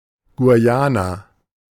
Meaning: Guyanese
- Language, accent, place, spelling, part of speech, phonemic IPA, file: German, Germany, Berlin, Guyaner, noun, /ɡuˈjaːnɐ/, De-Guyaner.ogg